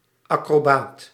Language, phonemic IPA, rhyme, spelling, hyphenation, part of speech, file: Dutch, /ˌɑ.kroːˈbaːt/, -aːt, acrobaat, acro‧baat, noun, Nl-acrobaat.ogg
- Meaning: acrobat